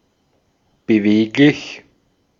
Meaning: 1. nimble, agile 2. versatile 3. moveable, flexible, mobile 4. moving
- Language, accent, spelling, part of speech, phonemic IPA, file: German, Austria, beweglich, adjective, /bəˈveːklɪç/, De-at-beweglich.ogg